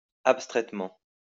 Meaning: abstractly
- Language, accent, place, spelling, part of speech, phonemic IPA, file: French, France, Lyon, abstraitement, adverb, /ap.stʁɛt.mɑ̃/, LL-Q150 (fra)-abstraitement.wav